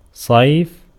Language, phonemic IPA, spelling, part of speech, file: Arabic, /sˤajf/, صيف, noun, Ar-صيف.ogg
- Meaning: summer